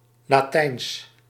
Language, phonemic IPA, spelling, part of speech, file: Dutch, /laːˈtɛi̯ns/, Latijns, adjective / proper noun, Nl-Latijns.ogg
- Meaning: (adjective) Latin; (proper noun) the Latin language